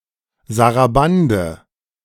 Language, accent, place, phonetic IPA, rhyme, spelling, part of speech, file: German, Germany, Berlin, [zaʁaˈbandə], -andə, Sarabande, noun, De-Sarabande.ogg
- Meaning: sarabande